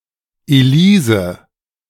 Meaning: a female given name from Elisabeth
- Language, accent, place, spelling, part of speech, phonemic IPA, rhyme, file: German, Germany, Berlin, Elise, proper noun, /ʔeˈliːzə/, -iːzə, De-Elise.ogg